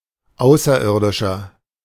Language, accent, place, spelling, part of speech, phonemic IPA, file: German, Germany, Berlin, Außerirdischer, noun, /ˈʔaʊ̯s.ɐˌɪɐ̯.dɪʃ.ɐ/, De-Außerirdischer.ogg
- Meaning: 1. alien (from space), creature not from Earth, extraterrestrial (male or of unspecified gender) 2. inflection of Außerirdische: strong genitive/dative singular